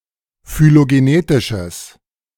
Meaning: strong/mixed nominative/accusative neuter singular of phylogenetisch
- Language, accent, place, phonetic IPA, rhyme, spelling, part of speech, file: German, Germany, Berlin, [fyloɡeˈneːtɪʃəs], -eːtɪʃəs, phylogenetisches, adjective, De-phylogenetisches.ogg